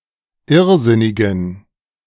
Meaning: inflection of irrsinnig: 1. strong genitive masculine/neuter singular 2. weak/mixed genitive/dative all-gender singular 3. strong/weak/mixed accusative masculine singular 4. strong dative plural
- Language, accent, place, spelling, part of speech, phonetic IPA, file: German, Germany, Berlin, irrsinnigen, adjective, [ˈɪʁˌzɪnɪɡn̩], De-irrsinnigen.ogg